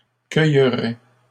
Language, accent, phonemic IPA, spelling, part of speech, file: French, Canada, /kœj.ʁɛ/, cueillerait, verb, LL-Q150 (fra)-cueillerait.wav
- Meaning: third-person singular conditional of cueillir